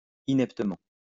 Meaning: ineptly
- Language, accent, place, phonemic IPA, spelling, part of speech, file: French, France, Lyon, /i.nɛp.tə.mɑ̃/, ineptement, adverb, LL-Q150 (fra)-ineptement.wav